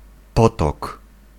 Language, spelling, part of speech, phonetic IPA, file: Polish, potok, noun, [ˈpɔtɔk], Pl-potok.ogg